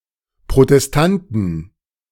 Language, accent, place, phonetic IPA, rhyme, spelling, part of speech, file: German, Germany, Berlin, [pʁotɛsˈtantn̩], -antn̩, Protestanten, noun, De-Protestanten.ogg
- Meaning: inflection of Protestant: 1. genitive/dative/accusative singular 2. nominative/genitive/dative/accusative plural